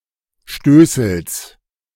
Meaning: genitive singular of Stößel
- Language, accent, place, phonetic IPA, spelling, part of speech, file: German, Germany, Berlin, [ˈʃtøːsl̩s], Stößels, noun, De-Stößels.ogg